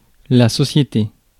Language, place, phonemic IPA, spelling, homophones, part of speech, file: French, Paris, /sɔ.sje.te/, société, sociétés, noun, Fr-société.ogg
- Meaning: 1. company, frequentation 2. group of people 3. society 4. company, firm